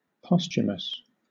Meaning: 1. After the death of someone 2. Taking place after one's own death 3. In reference to a work, published after the author's death
- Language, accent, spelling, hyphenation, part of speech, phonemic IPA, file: English, Southern England, posthumous, pos‧thum‧ous, adjective, /ˈpɒs.t͡ʃʊ.məs/, LL-Q1860 (eng)-posthumous.wav